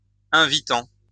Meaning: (verb) present participle of inviter; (adjective) attractive, appealing, inviting
- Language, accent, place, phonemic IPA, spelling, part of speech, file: French, France, Lyon, /ɛ̃.vi.tɑ̃/, invitant, verb / adjective, LL-Q150 (fra)-invitant.wav